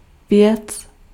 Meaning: 1. thing 2. business (something involving one personally) 3. subject (of a mail) 4. thing, entity (thing, living or non-living, real or unreal)
- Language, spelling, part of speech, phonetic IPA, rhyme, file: Czech, věc, noun, [ˈvjɛt͡s], -ɛts, Cs-věc.ogg